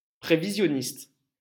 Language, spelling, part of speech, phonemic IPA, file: French, prévisionniste, noun, /pʁe.vi.zjɔ.nist/, LL-Q150 (fra)-prévisionniste.wav
- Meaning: forecaster